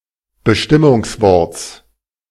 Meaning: genitive of Bestimmungswort
- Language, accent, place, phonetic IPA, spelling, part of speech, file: German, Germany, Berlin, [bəˈʃtɪmʊŋsˌvɔʁt͡s], Bestimmungsworts, noun, De-Bestimmungsworts.ogg